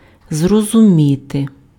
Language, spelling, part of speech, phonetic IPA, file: Ukrainian, зрозуміти, verb, [zrɔzʊˈmʲite], Uk-зрозуміти.ogg
- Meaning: 1. to grasp, to understand, to comprehend 2. to realize, to become aware